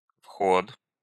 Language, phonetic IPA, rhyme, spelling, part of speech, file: Russian, [fxot], -ot, вход, noun, Ru-вход.ogg
- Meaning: entrance, entry